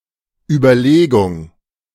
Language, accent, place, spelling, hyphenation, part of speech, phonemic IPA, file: German, Germany, Berlin, Überlegung, Ü‧ber‧le‧gung, noun, /ybɐˈleːɡʊŋ/, De-Überlegung.ogg
- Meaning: consideration (the process of considering)